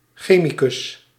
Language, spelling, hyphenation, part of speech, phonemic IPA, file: Dutch, chemicus, che‧mi‧cus, noun, /ˈxeː.mi.kʏs/, Nl-chemicus.ogg
- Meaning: chemist